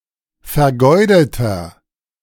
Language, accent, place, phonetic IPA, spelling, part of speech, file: German, Germany, Berlin, [fɛɐ̯ˈɡɔɪ̯dətɐ], vergeudeter, adjective, De-vergeudeter.ogg
- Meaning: inflection of vergeudet: 1. strong/mixed nominative masculine singular 2. strong genitive/dative feminine singular 3. strong genitive plural